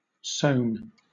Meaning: past participle of sew
- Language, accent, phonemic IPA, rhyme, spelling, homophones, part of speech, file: English, Southern England, /səʊn/, -əʊn, sewn, Saône / sone / sown, verb, LL-Q1860 (eng)-sewn.wav